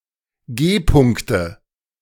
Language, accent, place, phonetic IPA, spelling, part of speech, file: German, Germany, Berlin, [ˈɡeːˌpʊŋktə], G-Punkte, noun, De-G-Punkte.ogg
- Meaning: nominative/accusative/genitive plural of G-Punkt